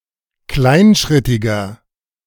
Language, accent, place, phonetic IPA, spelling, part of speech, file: German, Germany, Berlin, [ˈklaɪ̯nˌʃʁɪtɪɡɐ], kleinschrittiger, adjective, De-kleinschrittiger.ogg
- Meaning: 1. comparative degree of kleinschrittig 2. inflection of kleinschrittig: strong/mixed nominative masculine singular 3. inflection of kleinschrittig: strong genitive/dative feminine singular